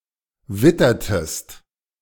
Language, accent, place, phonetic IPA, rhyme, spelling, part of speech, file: German, Germany, Berlin, [ˈvɪtɐtəst], -ɪtɐtəst, wittertest, verb, De-wittertest.ogg
- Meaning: inflection of wittern: 1. second-person singular preterite 2. second-person singular subjunctive II